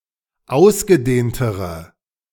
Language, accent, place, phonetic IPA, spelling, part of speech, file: German, Germany, Berlin, [ˈaʊ̯sɡəˌdeːntəʁə], ausgedehntere, adjective, De-ausgedehntere.ogg
- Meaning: inflection of ausgedehnt: 1. strong/mixed nominative/accusative feminine singular comparative degree 2. strong nominative/accusative plural comparative degree